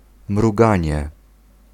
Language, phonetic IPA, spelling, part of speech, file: Polish, [mruˈɡãɲɛ], mruganie, noun, Pl-mruganie.ogg